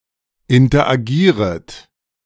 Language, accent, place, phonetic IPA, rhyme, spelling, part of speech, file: German, Germany, Berlin, [ɪntɐʔaˈɡiːʁət], -iːʁət, interagieret, verb, De-interagieret.ogg
- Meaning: second-person plural subjunctive I of interagieren